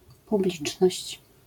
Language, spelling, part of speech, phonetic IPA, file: Polish, publiczność, noun, [puˈblʲit͡ʃnɔɕt͡ɕ], LL-Q809 (pol)-publiczność.wav